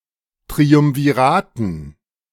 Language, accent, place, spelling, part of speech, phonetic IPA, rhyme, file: German, Germany, Berlin, Triumviraten, noun, [tʁiʊmviˈʁaːtn̩], -aːtn̩, De-Triumviraten.ogg
- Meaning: dative plural of Triumvirat